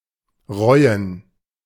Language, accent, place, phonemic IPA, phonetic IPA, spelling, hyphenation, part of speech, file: German, Germany, Berlin, /ˈʁɔʏ̯ən/, [ˈʁɔʏ̯n], reuen, reu‧en, verb, De-reuen.ogg
- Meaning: 1. to regret, to be sorry (for), to rue 2. to repent (of)